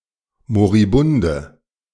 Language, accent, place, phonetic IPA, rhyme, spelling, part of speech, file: German, Germany, Berlin, [moʁiˈbʊndə], -ʊndə, moribunde, adjective, De-moribunde.ogg
- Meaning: inflection of moribund: 1. strong/mixed nominative/accusative feminine singular 2. strong nominative/accusative plural 3. weak nominative all-gender singular